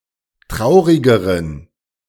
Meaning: inflection of traurig: 1. strong genitive masculine/neuter singular comparative degree 2. weak/mixed genitive/dative all-gender singular comparative degree
- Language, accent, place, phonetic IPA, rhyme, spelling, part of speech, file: German, Germany, Berlin, [ˈtʁaʊ̯ʁɪɡəʁən], -aʊ̯ʁɪɡəʁən, traurigeren, adjective, De-traurigeren.ogg